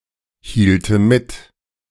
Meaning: first/third-person singular subjunctive II of mithalten
- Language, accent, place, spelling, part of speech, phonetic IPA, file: German, Germany, Berlin, hielte mit, verb, [ˌhiːltə ˈmɪt], De-hielte mit.ogg